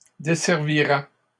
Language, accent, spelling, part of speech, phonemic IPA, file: French, Canada, desservirais, verb, /de.sɛʁ.vi.ʁɛ/, LL-Q150 (fra)-desservirais.wav
- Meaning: first/second-person singular conditional of desservir